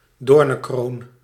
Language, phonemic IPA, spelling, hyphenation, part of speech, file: Dutch, /ˈdoːr.nə(n)ˌkroːn/, doornenkroon, door‧nen‧kroon, noun, Nl-doornenkroon.ogg
- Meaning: a crown of thorns